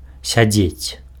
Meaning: to sit
- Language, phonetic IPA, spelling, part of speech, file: Belarusian, [sʲaˈd͡zʲet͡sʲ], сядзець, verb, Be-сядзець.ogg